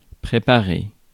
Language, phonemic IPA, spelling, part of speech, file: French, /pʁe.pa.ʁe/, préparer, verb, Fr-préparer.ogg
- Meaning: 1. to prepare 2. to prepare for